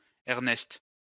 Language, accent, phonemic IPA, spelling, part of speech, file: French, France, /ɛʁ.nɛst/, Ernest, proper noun, LL-Q150 (fra)-Ernest.wav
- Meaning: a male given name